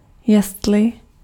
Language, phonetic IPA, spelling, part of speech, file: Czech, [ˈjɛstlɪ], jestli, conjunction, Cs-jestli.ogg
- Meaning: 1. if 2. Introduces a subordinate content clause; whether